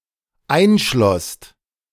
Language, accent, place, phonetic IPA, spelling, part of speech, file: German, Germany, Berlin, [ˈaɪ̯nˌʃlɔst], einschlosst, verb, De-einschlosst.ogg
- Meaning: second-person singular/plural dependent preterite of einschließen